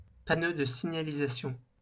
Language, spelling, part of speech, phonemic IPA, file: French, panneau de signalisation, noun, /pa.no d(ə) si.ɲa.li.za.sjɔ̃/, LL-Q150 (fra)-panneau de signalisation.wav
- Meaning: road sign, traffic sign